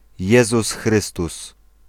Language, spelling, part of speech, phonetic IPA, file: Polish, Jezus Chrystus, proper noun, [ˈjɛzus ˈxrɨstus], Pl-Jezus Chrystus.ogg